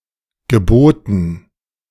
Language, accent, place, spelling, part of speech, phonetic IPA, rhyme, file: German, Germany, Berlin, Geboten, noun, [ɡəˈboːtn̩], -oːtn̩, De-Geboten.ogg
- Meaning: dative plural of Gebot